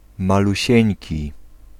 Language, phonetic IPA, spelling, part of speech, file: Polish, [ˌmaluˈɕɛ̇̃ɲci], malusieńki, adjective, Pl-malusieńki.ogg